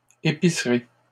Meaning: plural of épicerie
- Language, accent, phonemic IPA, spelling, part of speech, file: French, Canada, /e.pi.sʁi/, épiceries, noun, LL-Q150 (fra)-épiceries.wav